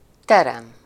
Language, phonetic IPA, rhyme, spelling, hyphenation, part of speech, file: Hungarian, [ˈtɛrɛm], -ɛm, terem, te‧rem, noun / verb, Hu-terem.ogg
- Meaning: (noun) 1. hall, chamber, (spacious) room 2. classroom, exhibition room, concert hall etc 3. indoor ……; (verb) to yield, to produce, to bring forth, to bear (fruit or crops)